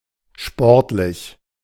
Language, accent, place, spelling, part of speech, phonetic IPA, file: German, Germany, Berlin, sportlich, adjective, [ˈʃpɔʁtlɪç], De-sportlich.ogg
- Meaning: 1. sport; sporting, athletic (of or pertaining to sports) 2. athletic, fit, sporty (physically strong, good at sports) 3. sporting, sportsmanlike 4. ambitious, requiring great effort 5. casual